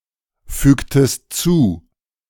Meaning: inflection of zufügen: 1. second-person singular preterite 2. second-person singular subjunctive II
- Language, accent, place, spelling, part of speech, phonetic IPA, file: German, Germany, Berlin, fügtest zu, verb, [ˌfyːktəst ˈt͡suː], De-fügtest zu.ogg